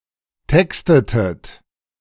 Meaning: inflection of texten: 1. second-person plural preterite 2. second-person plural subjunctive II
- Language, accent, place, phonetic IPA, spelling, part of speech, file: German, Germany, Berlin, [ˈtɛkstətət], textetet, verb, De-textetet.ogg